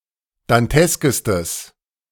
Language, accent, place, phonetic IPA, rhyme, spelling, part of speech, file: German, Germany, Berlin, [danˈtɛskəstəs], -ɛskəstəs, danteskestes, adjective, De-danteskestes.ogg
- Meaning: strong/mixed nominative/accusative neuter singular superlative degree of dantesk